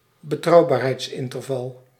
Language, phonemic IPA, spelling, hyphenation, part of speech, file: Dutch, /bəˈtrɑu̯.baːr.ɦɛi̯tsˌɪn.tərˌvɑl/, betrouwbaarheidsinterval, be‧trouw‧baar‧heids‧in‧ter‧val, noun, Nl-betrouwbaarheidsinterval.ogg
- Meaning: confidence interval